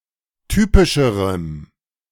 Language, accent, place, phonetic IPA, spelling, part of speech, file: German, Germany, Berlin, [ˈtyːpɪʃəʁəm], typischerem, adjective, De-typischerem.ogg
- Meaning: strong dative masculine/neuter singular comparative degree of typisch